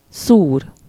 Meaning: 1. to prick, to pierce, to stab (with a sharp tool, e.g. a needle or a knife; into some body part: -ba/-be or -n/-on/-en/-ön, or onto some object: -ra/-re) 2. to sting, to bite (insect)
- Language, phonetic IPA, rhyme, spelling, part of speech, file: Hungarian, [ˈsuːr], -uːr, szúr, verb, Hu-szúr.ogg